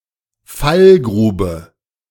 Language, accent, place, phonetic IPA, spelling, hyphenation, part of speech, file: German, Germany, Berlin, [ˈfalˌɡʀuːbə], Fallgrube, Fall‧gru‧be, noun, De-Fallgrube.ogg
- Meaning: pitfall, trapping pit